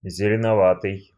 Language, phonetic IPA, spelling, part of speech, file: Russian, [zʲɪlʲɪnɐˈvatɨj], зеленоватый, adjective, Ru-зеленоватый.ogg
- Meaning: greenish